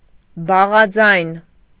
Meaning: 1. consonant 2. tone-deaf person (person with no ear for music)
- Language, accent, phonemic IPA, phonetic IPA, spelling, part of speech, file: Armenian, Eastern Armenian, /bɑʁɑˈd͡zɑjn/, [bɑʁɑd͡zɑ́jn], բաղաձայն, noun, Hy-բաղաձայն.ogg